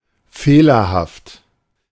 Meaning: faulty
- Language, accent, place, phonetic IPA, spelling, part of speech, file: German, Germany, Berlin, [ˈfeːlɐhaft], fehlerhaft, adjective, De-fehlerhaft.ogg